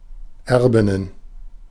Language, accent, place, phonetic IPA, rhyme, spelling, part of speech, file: German, Germany, Berlin, [ˈɛʁbɪnən], -ɛʁbɪnən, Erbinnen, noun, De-Erbinnen.ogg
- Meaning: plural of Erbin